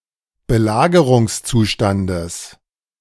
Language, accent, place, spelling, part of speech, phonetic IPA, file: German, Germany, Berlin, Belagerungszustandes, noun, [bəˈlaːɡəʁʊŋsˌt͡suːʃtandəs], De-Belagerungszustandes.ogg
- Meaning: genitive of Belagerungszustand